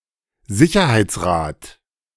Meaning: security council
- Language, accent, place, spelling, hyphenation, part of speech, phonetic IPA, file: German, Germany, Berlin, Sicherheitsrat, Si‧cher‧heits‧rat, noun, [ˈzɪçɐhaɪ̯t͡sˌʁaːt], De-Sicherheitsrat.ogg